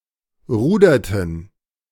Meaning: inflection of rudern: 1. first/third-person plural preterite 2. first/third-person plural subjunctive II
- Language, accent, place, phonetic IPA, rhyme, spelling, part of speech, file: German, Germany, Berlin, [ˈʁuːdɐtn̩], -uːdɐtn̩, ruderten, verb, De-ruderten.ogg